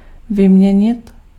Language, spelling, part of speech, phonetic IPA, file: Czech, vyměnit, verb, [ˈvɪmɲɛɲɪt], Cs-vyměnit.ogg
- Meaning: 1. to exchange, to replace 2. to swap 3. to exchange